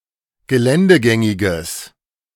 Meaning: strong/mixed nominative/accusative neuter singular of geländegängig
- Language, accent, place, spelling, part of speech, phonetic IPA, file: German, Germany, Berlin, geländegängiges, adjective, [ɡəˈlɛndəˌɡɛŋɪɡəs], De-geländegängiges.ogg